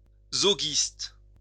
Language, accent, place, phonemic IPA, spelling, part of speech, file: French, France, Lyon, /zɔ.ɡist/, zoguiste, adjective / noun, LL-Q150 (fra)-zoguiste.wav
- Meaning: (adjective) Zogist